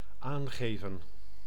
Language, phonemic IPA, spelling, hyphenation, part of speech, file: Dutch, /ˈaːŋɣeːvə(n)/, aangeven, aan‧ge‧ven, verb, Nl-aangeven.ogg
- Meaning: 1. to hand, to pass 2. to indicate, to point out 3. to report, to notify, to declare 4. to say, to indicate, to state, to express